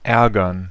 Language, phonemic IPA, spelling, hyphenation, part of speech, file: German, /ˈʔɛɐ̯ɡɐn/, ärgern, är‧gern, verb, De-ärgern.ogg
- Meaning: 1. to annoy, to make angry 2. to be annoyed, to be angry, to get annoyed, to get angry